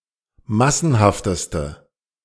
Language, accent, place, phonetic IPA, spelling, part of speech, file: German, Germany, Berlin, [ˈmasn̩haftəstə], massenhafteste, adjective, De-massenhafteste.ogg
- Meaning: inflection of massenhaft: 1. strong/mixed nominative/accusative feminine singular superlative degree 2. strong nominative/accusative plural superlative degree